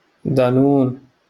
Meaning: yoghurt
- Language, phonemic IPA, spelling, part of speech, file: Moroccan Arabic, /dˤaː.nuːn/, دانون, noun, LL-Q56426 (ary)-دانون.wav